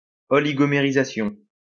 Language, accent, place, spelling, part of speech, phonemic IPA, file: French, France, Lyon, oligomérisation, noun, /ɔ.li.ɡɔ.me.ʁi.za.sjɔ̃/, LL-Q150 (fra)-oligomérisation.wav
- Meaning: oligomerization